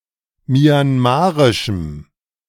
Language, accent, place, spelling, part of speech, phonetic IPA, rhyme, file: German, Germany, Berlin, myanmarischem, adjective, [mjanˈmaːʁɪʃm̩], -aːʁɪʃm̩, De-myanmarischem.ogg
- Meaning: strong dative masculine/neuter singular of myanmarisch